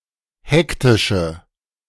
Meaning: inflection of hektisch: 1. strong/mixed nominative/accusative feminine singular 2. strong nominative/accusative plural 3. weak nominative all-gender singular
- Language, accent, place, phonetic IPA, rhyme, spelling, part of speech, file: German, Germany, Berlin, [ˈhɛktɪʃə], -ɛktɪʃə, hektische, adjective, De-hektische.ogg